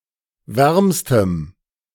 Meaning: strong dative masculine/neuter singular superlative degree of warm
- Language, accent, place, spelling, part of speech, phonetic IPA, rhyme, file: German, Germany, Berlin, wärmstem, adjective, [ˈvɛʁmstəm], -ɛʁmstəm, De-wärmstem.ogg